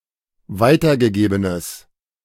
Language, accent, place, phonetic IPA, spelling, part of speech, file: German, Germany, Berlin, [ˈvaɪ̯tɐɡəˌɡeːbənəs], weitergegebenes, adjective, De-weitergegebenes.ogg
- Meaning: strong/mixed nominative/accusative neuter singular of weitergegeben